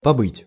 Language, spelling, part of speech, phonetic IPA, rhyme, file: Russian, побыть, verb, [pɐˈbɨtʲ], -ɨtʲ, Ru-побыть.ogg
- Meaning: to stay (somewhere)